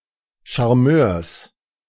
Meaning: genitive singular of Charmeur
- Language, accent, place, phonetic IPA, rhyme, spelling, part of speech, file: German, Germany, Berlin, [ʃaʁˈmøːɐ̯s], -øːɐ̯s, Charmeurs, noun, De-Charmeurs.ogg